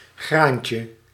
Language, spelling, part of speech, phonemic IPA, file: Dutch, graantje, noun, /ˈɣraɲcə/, Nl-graantje.ogg
- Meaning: diminutive of graan